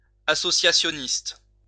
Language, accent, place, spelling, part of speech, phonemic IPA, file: French, France, Lyon, associationiste, adjective / noun, /a.sɔ.sja.sjɔ.nist/, LL-Q150 (fra)-associationiste.wav
- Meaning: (adjective) associationist